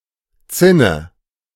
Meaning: 1. merlon 2. mountain peaks; (city's) battlements, towers 3. roof terrace
- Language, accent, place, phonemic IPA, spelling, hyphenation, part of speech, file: German, Germany, Berlin, /ˈtsɪnə/, Zinne, Zin‧ne, noun, De-Zinne.ogg